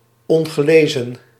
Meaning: unread
- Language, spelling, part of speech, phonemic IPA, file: Dutch, ongelezen, adjective, /ˌɔn.ɣəˈleːzə(n)/, Nl-ongelezen.ogg